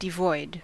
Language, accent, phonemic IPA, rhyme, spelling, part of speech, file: English, US, /dɪˈvɔɪd/, -ɔɪd, devoid, adjective / verb, En-us-devoid.ogg
- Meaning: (adjective) Completely without; having none of; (verb) To empty out; to remove